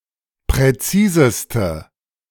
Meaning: inflection of präzis: 1. strong/mixed nominative/accusative feminine singular superlative degree 2. strong nominative/accusative plural superlative degree
- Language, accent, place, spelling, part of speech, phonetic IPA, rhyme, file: German, Germany, Berlin, präziseste, adjective, [pʁɛˈt͡siːzəstə], -iːzəstə, De-präziseste.ogg